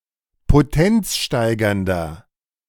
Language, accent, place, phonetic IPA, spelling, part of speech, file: German, Germany, Berlin, [poˈtɛnt͡sˌʃtaɪ̯ɡɐndɐ], potenzsteigernder, adjective, De-potenzsteigernder.ogg
- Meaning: 1. comparative degree of potenzsteigernd 2. inflection of potenzsteigernd: strong/mixed nominative masculine singular 3. inflection of potenzsteigernd: strong genitive/dative feminine singular